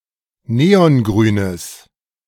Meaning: strong/mixed nominative/accusative neuter singular of neongrün
- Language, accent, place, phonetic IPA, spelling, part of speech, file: German, Germany, Berlin, [ˈneːɔnˌɡʁyːnəs], neongrünes, adjective, De-neongrünes.ogg